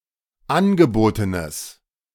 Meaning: strong/mixed nominative/accusative neuter singular of angeboten
- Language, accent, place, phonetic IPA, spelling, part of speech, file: German, Germany, Berlin, [ˈanɡəˌboːtənəs], angebotenes, adjective, De-angebotenes.ogg